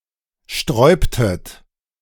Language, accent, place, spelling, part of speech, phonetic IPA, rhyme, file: German, Germany, Berlin, sträubtet, verb, [ˈʃtʁɔɪ̯ptət], -ɔɪ̯ptət, De-sträubtet.ogg
- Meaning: inflection of sträuben: 1. second-person plural preterite 2. second-person plural subjunctive II